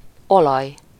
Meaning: oil
- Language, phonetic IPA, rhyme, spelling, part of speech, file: Hungarian, [ˈolɒj], -ɒj, olaj, noun, Hu-olaj.ogg